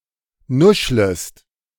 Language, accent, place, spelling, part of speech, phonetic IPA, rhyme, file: German, Germany, Berlin, nuschlest, verb, [ˈnʊʃləst], -ʊʃləst, De-nuschlest.ogg
- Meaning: second-person singular subjunctive I of nuscheln